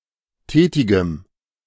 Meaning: strong dative masculine/neuter singular of tätig
- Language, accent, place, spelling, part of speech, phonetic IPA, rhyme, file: German, Germany, Berlin, tätigem, adjective, [ˈtɛːtɪɡəm], -ɛːtɪɡəm, De-tätigem.ogg